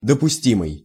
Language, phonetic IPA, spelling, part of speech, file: Russian, [dəpʊˈsʲtʲimɨj], допустимый, adjective, Ru-допустимый.ogg
- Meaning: 1. permissible, acceptable 2. justifiable 3. admissible